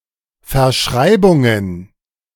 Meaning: plural of Verschreibung
- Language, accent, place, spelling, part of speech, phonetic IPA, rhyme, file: German, Germany, Berlin, Verschreibungen, noun, [fɛɐ̯ˈʃʁaɪ̯bʊŋən], -aɪ̯bʊŋən, De-Verschreibungen.ogg